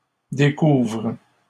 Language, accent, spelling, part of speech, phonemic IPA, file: French, Canada, découvrent, verb, /de.kuvʁ/, LL-Q150 (fra)-découvrent.wav
- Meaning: third-person plural present indicative/subjunctive of découvrir